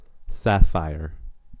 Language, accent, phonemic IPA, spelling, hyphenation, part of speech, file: English, US, /ˈsæf.aɪ̯əɹ/, sapphire, sap‧phire, noun / adjective, En-us-sapphire.ogg
- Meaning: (noun) 1. A clear deep blue variety of corundum, valued as a precious stone 2. A white, yellow, or purple variety of corundum, either clear or translucent 3. A deep blue colour